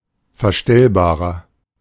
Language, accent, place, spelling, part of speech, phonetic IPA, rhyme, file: German, Germany, Berlin, verstellbarer, adjective, [fɛɐ̯ˈʃtɛlbaːʁɐ], -ɛlbaːʁɐ, De-verstellbarer.ogg
- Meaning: 1. comparative degree of verstellbar 2. inflection of verstellbar: strong/mixed nominative masculine singular 3. inflection of verstellbar: strong genitive/dative feminine singular